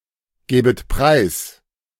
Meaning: second-person plural subjunctive II of preisgeben
- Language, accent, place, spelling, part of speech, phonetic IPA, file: German, Germany, Berlin, gäbet preis, verb, [ˌɡɛːbət ˈpʁaɪ̯s], De-gäbet preis.ogg